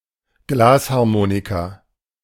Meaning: glass harmonica
- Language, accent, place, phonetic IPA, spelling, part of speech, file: German, Germany, Berlin, [ˈɡlaːshaʁˌmoːnika], Glasharmonika, noun, De-Glasharmonika.ogg